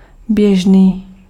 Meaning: 1. common (usual) 2. current (going)
- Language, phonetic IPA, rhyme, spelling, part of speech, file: Czech, [ˈbjɛʒniː], -ɛʒniː, běžný, adjective, Cs-běžný.ogg